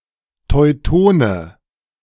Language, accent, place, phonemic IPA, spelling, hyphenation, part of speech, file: German, Germany, Berlin, /tɔɪ̯ˈtoːnə/, Teutone, Teu‧to‧ne, noun, De-Teutone.ogg
- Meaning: Teuton